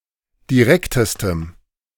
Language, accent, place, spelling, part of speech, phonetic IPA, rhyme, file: German, Germany, Berlin, direktestem, adjective, [diˈʁɛktəstəm], -ɛktəstəm, De-direktestem.ogg
- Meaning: strong dative masculine/neuter singular superlative degree of direkt